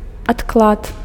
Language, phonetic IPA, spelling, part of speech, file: Belarusian, [atkˈɫat], адклад, noun, Be-адклад.ogg
- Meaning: postponement, delay